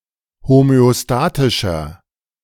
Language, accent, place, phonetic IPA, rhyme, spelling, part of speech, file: German, Germany, Berlin, [homøoˈstaːtɪʃɐ], -aːtɪʃɐ, homöostatischer, adjective, De-homöostatischer.ogg
- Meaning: inflection of homöostatisch: 1. strong/mixed nominative masculine singular 2. strong genitive/dative feminine singular 3. strong genitive plural